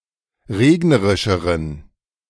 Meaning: inflection of regnerisch: 1. strong genitive masculine/neuter singular comparative degree 2. weak/mixed genitive/dative all-gender singular comparative degree
- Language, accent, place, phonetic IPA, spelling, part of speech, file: German, Germany, Berlin, [ˈʁeːɡnəʁɪʃəʁən], regnerischeren, adjective, De-regnerischeren.ogg